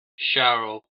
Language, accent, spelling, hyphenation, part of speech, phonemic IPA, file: English, US, sharrow, shar‧row, noun, /ˈʃæɹoʊ/, En-us-sharrow.ogg